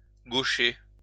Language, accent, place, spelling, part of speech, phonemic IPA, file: French, France, Lyon, gaucher, adjective / noun, /ɡo.ʃe/, LL-Q150 (fra)-gaucher.wav
- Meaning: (adjective) 1. left-handed 2. left-footed; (noun) a left-handed or left-footed person; a southpaw